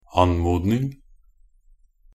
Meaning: a polite request (the act of requesting)
- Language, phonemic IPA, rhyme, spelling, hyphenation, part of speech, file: Norwegian Bokmål, /an.muːdnɪŋ/, -ɪŋ, anmodning, an‧mod‧ning, noun, Nb-anmodning.ogg